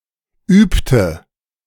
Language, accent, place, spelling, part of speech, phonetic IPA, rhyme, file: German, Germany, Berlin, übte, verb, [ˈyːptə], -yːptə, De-übte.ogg
- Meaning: inflection of üben: 1. first/third-person singular preterite 2. first/third-person singular subjunctive II